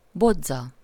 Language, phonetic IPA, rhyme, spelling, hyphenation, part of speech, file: Hungarian, [ˈbod͡zːɒ], -d͡zɒ, bodza, bo‧dza, noun, Hu-bodza.ogg
- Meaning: elder (Sambucus)